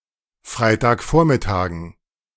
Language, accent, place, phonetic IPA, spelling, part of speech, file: German, Germany, Berlin, [ˈfʁaɪ̯taːkˌfoːɐ̯mɪtaːɡn̩], Freitagvormittagen, noun, De-Freitagvormittagen.ogg
- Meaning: dative plural of Freitagvormittag